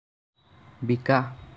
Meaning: 1. sold 2. cause to be sold
- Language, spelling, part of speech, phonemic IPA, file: Assamese, বিকা, verb, /bi.kɑ/, As-বিকা.ogg